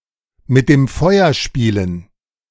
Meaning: to play with fire
- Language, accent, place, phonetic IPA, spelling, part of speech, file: German, Germany, Berlin, [mɪt deːm ˈfɔɪ̯ɐ ˈʃpiːlən], mit dem Feuer spielen, verb, De-mit dem Feuer spielen.ogg